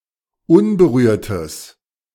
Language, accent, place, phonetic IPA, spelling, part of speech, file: German, Germany, Berlin, [ˈʊnbəˌʁyːɐ̯təs], unberührtes, adjective, De-unberührtes.ogg
- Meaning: strong/mixed nominative/accusative neuter singular of unberührt